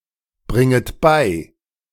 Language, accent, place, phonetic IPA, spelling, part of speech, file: German, Germany, Berlin, [ˌbʁɪŋət ˈbaɪ̯], bringet bei, verb, De-bringet bei.ogg
- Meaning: second-person plural subjunctive I of beibringen